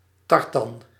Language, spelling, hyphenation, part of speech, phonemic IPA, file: Dutch, tartan, tar‧tan, noun, /ˈtɑr.tɑn/, Nl-tartan.ogg
- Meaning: 1. tartan (woollen cloth with a distinctive pattern of intersecting orthogonal coloured stripes, associated with Scottish Highlanders) 2. a kilt or cloak made of tartan